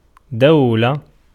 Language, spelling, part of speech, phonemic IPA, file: Arabic, دولة, noun, /daw.la/, Ar-دولة.ogg
- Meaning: 1. state (sovereign polity) 2. alternation, change